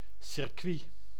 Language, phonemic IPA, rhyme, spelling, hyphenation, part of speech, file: Dutch, /sɪrˈkʋi/, -i, circuit, cir‧cuit, noun, Nl-circuit.ogg
- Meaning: 1. racetrack 2. electric circuit 3. exclusive group of individuals, clique, circle